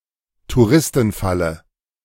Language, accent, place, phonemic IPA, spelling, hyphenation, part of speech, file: German, Germany, Berlin, /tuˈʁɪstn̩ˌfalə/, Touristenfalle, Tou‧ris‧ten‧fal‧le, noun, De-Touristenfalle.ogg
- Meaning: tourist trap